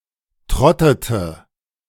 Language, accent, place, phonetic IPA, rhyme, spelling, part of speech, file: German, Germany, Berlin, [ˈtʁɔtətə], -ɔtətə, trottete, verb, De-trottete.ogg
- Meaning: inflection of trotten: 1. first/third-person singular preterite 2. first/third-person singular subjunctive II